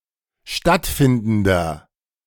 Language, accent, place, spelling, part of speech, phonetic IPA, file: German, Germany, Berlin, stattfindender, adjective, [ˈʃtatˌfɪndn̩dɐ], De-stattfindender.ogg
- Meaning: inflection of stattfindend: 1. strong/mixed nominative masculine singular 2. strong genitive/dative feminine singular 3. strong genitive plural